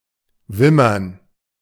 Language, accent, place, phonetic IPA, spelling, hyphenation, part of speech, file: German, Germany, Berlin, [ˈvɪmɐn], wimmern, wim‧mern, verb, De-wimmern.ogg
- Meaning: to whimper